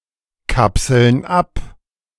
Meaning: inflection of abkapseln: 1. first/third-person plural present 2. first/third-person plural subjunctive I
- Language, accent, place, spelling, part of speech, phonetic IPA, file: German, Germany, Berlin, kapseln ab, verb, [ˌkapsl̩n ˈap], De-kapseln ab.ogg